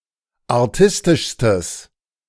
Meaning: strong/mixed nominative/accusative neuter singular superlative degree of artistisch
- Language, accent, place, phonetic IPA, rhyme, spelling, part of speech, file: German, Germany, Berlin, [aʁˈtɪstɪʃstəs], -ɪstɪʃstəs, artistischstes, adjective, De-artistischstes.ogg